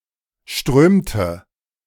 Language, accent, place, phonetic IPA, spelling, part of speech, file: German, Germany, Berlin, [ˈʃtʁøːmtə], strömte, verb, De-strömte.ogg
- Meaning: inflection of strömen: 1. first/third-person singular preterite 2. first/third-person singular subjunctive II